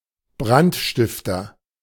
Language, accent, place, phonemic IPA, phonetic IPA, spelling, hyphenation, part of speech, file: German, Germany, Berlin, /ˈbrantˌʃtɪftər/, [ˈbʁan(t)ˌʃtɪf.tɐ], Brandstifter, Brand‧stif‧ter, noun, De-Brandstifter.ogg
- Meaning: arsonist (person who has committed the act of arson)